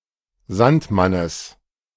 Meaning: genitive singular of Sandmann
- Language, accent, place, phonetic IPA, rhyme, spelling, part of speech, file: German, Germany, Berlin, [ˈzantˌmanəs], -antmanəs, Sandmannes, noun, De-Sandmannes.ogg